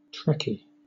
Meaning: A (usually major) fan of the TV science fiction series Star Trek
- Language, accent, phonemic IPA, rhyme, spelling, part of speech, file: English, Southern England, /ˈtɹɛki/, -ɛki, Trekkie, noun, LL-Q1860 (eng)-Trekkie.wav